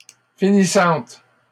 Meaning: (noun) female equivalent of finissant; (adjective) feminine singular of finissant
- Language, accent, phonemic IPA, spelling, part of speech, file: French, Canada, /fi.ni.sɑ̃t/, finissante, noun / adjective, LL-Q150 (fra)-finissante.wav